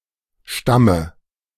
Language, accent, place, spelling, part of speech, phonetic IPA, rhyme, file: German, Germany, Berlin, Stamme, noun, [ˈʃtamə], -amə, De-Stamme.ogg
- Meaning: dative singular of Stamm